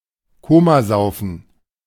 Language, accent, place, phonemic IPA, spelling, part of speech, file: German, Germany, Berlin, /ˈkoːmaˌzaʊ̯fən/, Komasaufen, noun, De-Komasaufen.ogg